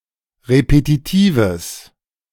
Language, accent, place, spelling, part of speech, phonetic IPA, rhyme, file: German, Germany, Berlin, repetitives, adjective, [ʁepetiˈtiːvəs], -iːvəs, De-repetitives.ogg
- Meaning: strong/mixed nominative/accusative neuter singular of repetitiv